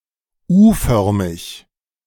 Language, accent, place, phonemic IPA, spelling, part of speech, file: German, Germany, Berlin, /ˈuːˌfœʁmɪç/, U-förmig, adjective, De-U-förmig.ogg
- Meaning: U-shaped